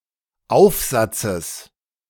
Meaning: genitive singular of Aufsatz
- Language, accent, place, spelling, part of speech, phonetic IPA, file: German, Germany, Berlin, Aufsatzes, noun, [ˈaʊ̯fˌzat͡səs], De-Aufsatzes.ogg